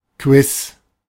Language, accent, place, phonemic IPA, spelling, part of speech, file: German, Germany, Berlin, /kvɪs/, Quiz, noun, De-Quiz.ogg
- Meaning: quiz, trivia